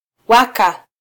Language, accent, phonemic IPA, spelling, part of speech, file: Swahili, Kenya, /ˈwɑ.kɑ/, waka, verb, Sw-ke-waka.flac
- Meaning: 1. to burn, be in flames 2. to shine